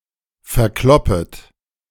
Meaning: second-person plural subjunctive I of verkloppen
- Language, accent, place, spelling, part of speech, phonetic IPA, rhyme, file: German, Germany, Berlin, verkloppet, verb, [fɛɐ̯ˈklɔpət], -ɔpət, De-verkloppet.ogg